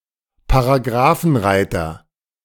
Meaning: alternative spelling of Paragraphenreiter
- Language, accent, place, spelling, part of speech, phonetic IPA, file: German, Germany, Berlin, Paragrafenreiter, noun, [paʁaˈɡʁaːfn̩ˌʁaɪ̯tɐ], De-Paragrafenreiter.ogg